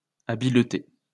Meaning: plural of habileté
- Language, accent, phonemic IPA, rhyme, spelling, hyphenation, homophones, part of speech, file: French, France, /a.bil.te/, -e, habiletés, ha‧bile‧tés, habileté, noun, LL-Q150 (fra)-habiletés.wav